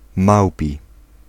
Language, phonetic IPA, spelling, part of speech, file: Polish, [ˈmawpʲi], małpi, adjective, Pl-małpi.ogg